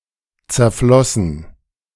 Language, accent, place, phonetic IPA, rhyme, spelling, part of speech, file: German, Germany, Berlin, [t͡sɛɐ̯ˈflɔsn̩], -ɔsn̩, zerflossen, verb, De-zerflossen.ogg
- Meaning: past participle of zerfließen